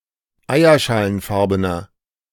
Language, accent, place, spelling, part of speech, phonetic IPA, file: German, Germany, Berlin, eierschalenfarbener, adjective, [ˈaɪ̯ɐʃaːlənˌfaʁbənɐ], De-eierschalenfarbener.ogg
- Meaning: inflection of eierschalenfarben: 1. strong/mixed nominative masculine singular 2. strong genitive/dative feminine singular 3. strong genitive plural